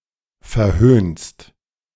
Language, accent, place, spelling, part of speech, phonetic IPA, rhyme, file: German, Germany, Berlin, verhöhnst, verb, [fɛɐ̯ˈhøːnst], -øːnst, De-verhöhnst.ogg
- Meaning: second-person singular present of verhöhnen